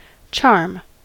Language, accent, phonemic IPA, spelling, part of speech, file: English, US, /t͡ʃɑɹm/, charm, noun / verb, En-us-charm.ogg
- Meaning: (noun) 1. An object, act or words believed to have magic power (usually carries a positive connotation) 2. The ability to persuade, delight or arouse admiration